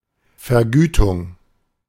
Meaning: consideration, emolument (a recompense for something done)
- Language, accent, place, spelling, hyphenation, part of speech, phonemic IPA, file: German, Germany, Berlin, Vergütung, Ver‧gü‧tung, noun, /fɛɐ̯ˈɡyːtʊŋ/, De-Vergütung.ogg